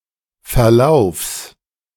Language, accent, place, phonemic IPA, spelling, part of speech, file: German, Germany, Berlin, /fɛɐ̯ˈlaʊ̯fs/, Verlaufs, noun, De-Verlaufs.ogg
- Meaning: genitive singular of Verlauf